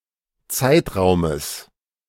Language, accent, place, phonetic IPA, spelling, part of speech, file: German, Germany, Berlin, [ˈt͡saɪ̯tˌʁaʊ̯məs], Zeitraumes, noun, De-Zeitraumes.ogg
- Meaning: genitive singular of Zeitraum